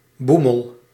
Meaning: 1. short for boemeltrein 2. another mode of transportation (notably a bus) with many stops 3. loitering; partying
- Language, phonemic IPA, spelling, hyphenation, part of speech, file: Dutch, /ˈbu.məl/, boemel, boe‧mel, noun, Nl-boemel.ogg